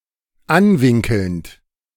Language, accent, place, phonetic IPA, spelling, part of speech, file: German, Germany, Berlin, [ˈanˌvɪŋkl̩nt], anwinkelnd, verb, De-anwinkelnd.ogg
- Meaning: present participle of anwinkeln